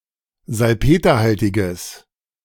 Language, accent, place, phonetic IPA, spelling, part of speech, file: German, Germany, Berlin, [zalˈpeːtɐˌhaltɪɡəs], salpeterhaltiges, adjective, De-salpeterhaltiges.ogg
- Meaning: strong/mixed nominative/accusative neuter singular of salpeterhaltig